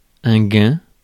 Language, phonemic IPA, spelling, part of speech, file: French, /ɡɛ̃/, gain, noun, Fr-gain.ogg
- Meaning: 1. a gain (of something), an instance of saving (something); an increase (in something) 2. winnings, earnings, takings 3. gain, yield